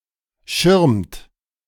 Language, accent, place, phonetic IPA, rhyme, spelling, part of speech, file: German, Germany, Berlin, [ʃɪʁmt], -ɪʁmt, schirmt, verb, De-schirmt.ogg
- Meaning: 1. third-person singular present indicative of schirmen 2. second-person plural present indicative of schirmen